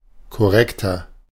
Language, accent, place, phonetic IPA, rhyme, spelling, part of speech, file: German, Germany, Berlin, [kɔˈʁɛktɐ], -ɛktɐ, korrekter, adjective, De-korrekter.ogg
- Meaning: inflection of korrekt: 1. strong/mixed nominative masculine singular 2. strong genitive/dative feminine singular 3. strong genitive plural